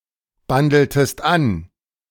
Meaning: inflection of anbandeln: 1. second-person singular preterite 2. second-person singular subjunctive II
- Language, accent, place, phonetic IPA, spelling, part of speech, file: German, Germany, Berlin, [ˌbandl̩təst ˈan], bandeltest an, verb, De-bandeltest an.ogg